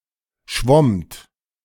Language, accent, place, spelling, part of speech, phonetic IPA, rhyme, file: German, Germany, Berlin, schwommt, verb, [ʃvɔmt], -ɔmt, De-schwommt.ogg
- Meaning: second-person plural preterite of schwimmen